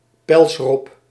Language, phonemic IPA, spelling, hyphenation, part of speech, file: Dutch, /ˈpɛls.rɔp/, pelsrob, pels‧rob, noun, Nl-pelsrob.ogg
- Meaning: fur seal, pinniped of the subfamily Arctocephalinae